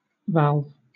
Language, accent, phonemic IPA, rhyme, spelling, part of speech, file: English, Southern England, /ˈvælv/, -ælv, valve, noun / verb, LL-Q1860 (eng)-valve.wav
- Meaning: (noun) A device that controls the flow of a gas or fluid through a space, such as a pipe, manifold, or plenum